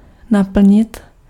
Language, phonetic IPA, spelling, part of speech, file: Czech, [ˈnapl̩ɲɪt], naplnit, verb, Cs-naplnit.ogg
- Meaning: 1. to fill (of a container like bottle) 2. to fill (become full)